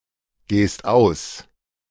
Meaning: second-person singular present of ausgehen
- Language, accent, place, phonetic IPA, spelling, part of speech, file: German, Germany, Berlin, [ˌɡeːst ˈaʊ̯s], gehst aus, verb, De-gehst aus.ogg